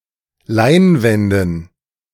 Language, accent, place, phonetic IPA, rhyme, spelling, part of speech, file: German, Germany, Berlin, [ˈlaɪ̯nˌvɛndn̩], -aɪ̯nvɛndn̩, Leinwänden, noun, De-Leinwänden.ogg
- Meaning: dative plural of Leinwand